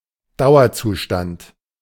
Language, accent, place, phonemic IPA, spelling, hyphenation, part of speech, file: German, Germany, Berlin, /ˈdaʊ̯ɐˌt͡suːʃtant/, Dauerzustand, Dau‧er‧zu‧stand, noun, De-Dauerzustand.ogg
- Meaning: permanent condition, permanent state